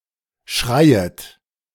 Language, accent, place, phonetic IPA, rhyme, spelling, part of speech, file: German, Germany, Berlin, [ˈʃʁaɪ̯ət], -aɪ̯ət, schreiet, verb, De-schreiet.ogg
- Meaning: second-person plural subjunctive I of schreien